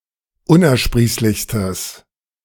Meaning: strong/mixed nominative/accusative neuter singular superlative degree of unersprießlich
- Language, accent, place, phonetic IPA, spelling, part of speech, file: German, Germany, Berlin, [ˈʊnʔɛɐ̯ˌʃpʁiːslɪçstəs], unersprießlichstes, adjective, De-unersprießlichstes.ogg